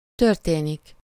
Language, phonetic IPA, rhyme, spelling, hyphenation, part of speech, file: Hungarian, [ˈtørteːnik], -eːnik, történik, tör‧té‧nik, verb, Hu-történik.ogg
- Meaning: to happen (to occur)